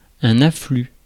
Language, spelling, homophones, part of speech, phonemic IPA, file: French, afflux, afflue / afflues / affluent, noun, /a.fly/, Fr-afflux.ogg
- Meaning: 1. influx (inward flow) 2. afflux